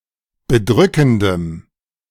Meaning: strong dative masculine/neuter singular of bedrückend
- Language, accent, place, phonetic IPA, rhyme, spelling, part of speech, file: German, Germany, Berlin, [bəˈdʁʏkn̩dəm], -ʏkn̩dəm, bedrückendem, adjective, De-bedrückendem.ogg